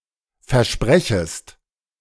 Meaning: second-person singular subjunctive I of versprechen
- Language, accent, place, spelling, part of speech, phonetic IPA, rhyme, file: German, Germany, Berlin, versprechest, verb, [fɛɐ̯ˈʃpʁɛçəst], -ɛçəst, De-versprechest.ogg